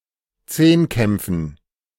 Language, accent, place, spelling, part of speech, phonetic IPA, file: German, Germany, Berlin, Zehnkämpfen, noun, [ˈt͡seːnˌkɛmp͡fn̩], De-Zehnkämpfen.ogg
- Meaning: dative plural of Zehnkampf